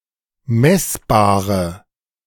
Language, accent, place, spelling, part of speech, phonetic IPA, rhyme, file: German, Germany, Berlin, messbare, adjective, [ˈmɛsbaːʁə], -ɛsbaːʁə, De-messbare.ogg
- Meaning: inflection of messbar: 1. strong/mixed nominative/accusative feminine singular 2. strong nominative/accusative plural 3. weak nominative all-gender singular 4. weak accusative feminine/neuter singular